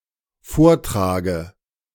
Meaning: dative of Vortrag
- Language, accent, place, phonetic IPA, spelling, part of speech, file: German, Germany, Berlin, [ˈfoːɐ̯tʁaːɡə], Vortrage, noun, De-Vortrage.ogg